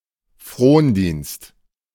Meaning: socage
- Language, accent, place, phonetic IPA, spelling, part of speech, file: German, Germany, Berlin, [ˈfʁoːnˌdiːnst], Frondienst, noun, De-Frondienst.ogg